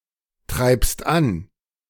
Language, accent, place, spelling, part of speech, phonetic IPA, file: German, Germany, Berlin, treibst an, verb, [ˌtʁaɪ̯pst ˈan], De-treibst an.ogg
- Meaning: second-person singular present of antreiben